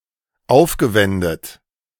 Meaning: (verb) past participle of aufwenden; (adjective) spent
- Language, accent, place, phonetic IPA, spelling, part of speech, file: German, Germany, Berlin, [ˈaʊ̯fɡəˌvɛndət], aufgewendet, verb, De-aufgewendet.ogg